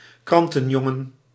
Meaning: a paperboy, a newsboy
- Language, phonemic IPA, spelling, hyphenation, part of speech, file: Dutch, /ˈkrɑn.tə(n)ˌjɔ.ŋə(n)/, krantenjongen, kran‧ten‧jon‧gen, noun, Nl-krantenjongen.ogg